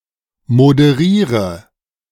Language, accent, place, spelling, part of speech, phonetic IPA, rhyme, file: German, Germany, Berlin, moderiere, verb, [modəˈʁiːʁə], -iːʁə, De-moderiere.ogg
- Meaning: inflection of moderieren: 1. first-person singular present 2. singular imperative 3. first/third-person singular subjunctive I